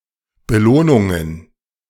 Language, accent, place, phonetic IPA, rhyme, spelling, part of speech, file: German, Germany, Berlin, [bəˈloːnʊŋən], -oːnʊŋən, Belohnungen, noun, De-Belohnungen.ogg
- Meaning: plural of Belohnung